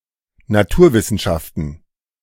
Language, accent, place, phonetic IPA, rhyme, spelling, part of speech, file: German, Germany, Berlin, [naˈtuːɐ̯vɪsn̩ˌʃaftn̩], -uːɐ̯vɪsn̩ʃaftn̩, Naturwissenschaften, noun, De-Naturwissenschaften.ogg
- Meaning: plural of Naturwissenschaft